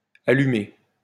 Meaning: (adjective) 1. lit, on, lit up 2. lit, on, on fire 3. on, turned on, switched on 4. crazy, weird, eccentric, wacko 5. drunk 6. congested 7. with its eyes bright (and a specified color)
- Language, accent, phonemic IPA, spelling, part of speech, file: French, France, /a.ly.me/, allumé, adjective / verb, LL-Q150 (fra)-allumé.wav